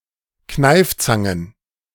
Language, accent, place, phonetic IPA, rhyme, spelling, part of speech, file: German, Germany, Berlin, [ˈknaɪ̯ft͡saŋən], -aɪ̯ft͡saŋən, Kneifzangen, noun, De-Kneifzangen.ogg
- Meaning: plural of Kneifzange